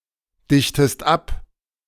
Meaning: inflection of abdichten: 1. second-person singular present 2. second-person singular subjunctive I
- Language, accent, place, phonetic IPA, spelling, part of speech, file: German, Germany, Berlin, [ˌdɪçtəst ˈap], dichtest ab, verb, De-dichtest ab.ogg